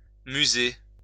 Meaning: to wander about, usually aimlessly
- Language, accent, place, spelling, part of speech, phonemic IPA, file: French, France, Lyon, muser, verb, /my.ze/, LL-Q150 (fra)-muser.wav